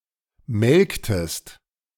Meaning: inflection of melken: 1. second-person singular preterite 2. second-person singular subjunctive II
- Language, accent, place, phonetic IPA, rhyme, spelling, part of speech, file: German, Germany, Berlin, [ˈmɛlktəst], -ɛlktəst, melktest, verb, De-melktest.ogg